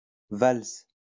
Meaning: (noun) waltz; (verb) inflection of valser: 1. first/third-person singular present indicative/subjunctive 2. second-person singular imperative
- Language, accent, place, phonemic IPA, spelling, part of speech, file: French, France, Lyon, /vals/, valse, noun / verb, LL-Q150 (fra)-valse.wav